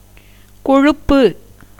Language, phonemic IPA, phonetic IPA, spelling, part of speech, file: Tamil, /koɻʊpːɯ/, [ko̞ɻʊpːɯ], கொழுப்பு, noun, Ta-கொழுப்பு.ogg
- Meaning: 1. fat 2. grease, lard 3. plumpness, corpulency, fleshiness, chubbiness, fatness 4. sauciness, impudence (attributed to an excess of fat) 5. fulness, richness 6. thickness in consistency